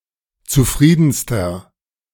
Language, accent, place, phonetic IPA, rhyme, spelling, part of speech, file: German, Germany, Berlin, [t͡suˈfʁiːdn̩stɐ], -iːdn̩stɐ, zufriedenster, adjective, De-zufriedenster.ogg
- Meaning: inflection of zufrieden: 1. strong/mixed nominative masculine singular superlative degree 2. strong genitive/dative feminine singular superlative degree 3. strong genitive plural superlative degree